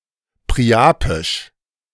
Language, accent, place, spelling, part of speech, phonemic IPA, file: German, Germany, Berlin, priapisch, adjective, /pʁiaˈpeːɪʃ/, De-priapisch.ogg
- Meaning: alternative form of priapeisch